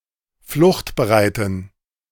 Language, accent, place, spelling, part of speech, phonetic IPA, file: German, Germany, Berlin, fluchtbereiten, adjective, [ˈflʊxtbəˌʁaɪ̯tn̩], De-fluchtbereiten.ogg
- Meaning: inflection of fluchtbereit: 1. strong genitive masculine/neuter singular 2. weak/mixed genitive/dative all-gender singular 3. strong/weak/mixed accusative masculine singular 4. strong dative plural